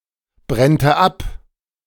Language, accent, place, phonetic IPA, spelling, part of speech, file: German, Germany, Berlin, [ˌbʁɛntə ˈap], brennte ab, verb, De-brennte ab.ogg
- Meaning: first/third-person singular subjunctive II of abbrennen